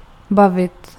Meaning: 1. to enjoy 2. to entertain, to amuse (subject: person, object: person) 3. to talk, to converse 4. to have fun
- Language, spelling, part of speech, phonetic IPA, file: Czech, bavit, verb, [ˈbavɪt], Cs-bavit.ogg